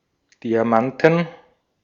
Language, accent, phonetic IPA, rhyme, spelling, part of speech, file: German, Austria, [ˌdiaˈmantn̩], -antn̩, Diamanten, noun, De-at-Diamanten.ogg
- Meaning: inflection of Diamant: 1. genitive/dative/accusative singular 2. nominative/genitive/dative/accusative plural